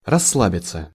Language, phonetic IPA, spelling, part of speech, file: Russian, [rɐsːˈɫabʲɪt͡sə], расслабиться, verb, Ru-расслабиться.ogg
- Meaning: 1. to relax 2. passive of рассла́бить (rasslábitʹ)